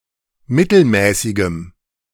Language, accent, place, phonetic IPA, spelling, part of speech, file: German, Germany, Berlin, [ˈmɪtl̩ˌmɛːsɪɡəm], mittelmäßigem, adjective, De-mittelmäßigem.ogg
- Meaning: strong dative masculine/neuter singular of mittelmäßig